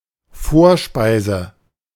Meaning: appetizer, starter (food)
- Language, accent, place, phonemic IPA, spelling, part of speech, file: German, Germany, Berlin, /ˈfoːɐ̯ ʃpaɪ̯zə/, Vorspeise, noun, De-Vorspeise.ogg